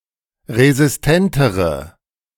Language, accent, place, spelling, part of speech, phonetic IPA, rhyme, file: German, Germany, Berlin, resistentere, adjective, [ʁezɪsˈtɛntəʁə], -ɛntəʁə, De-resistentere.ogg
- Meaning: inflection of resistent: 1. strong/mixed nominative/accusative feminine singular comparative degree 2. strong nominative/accusative plural comparative degree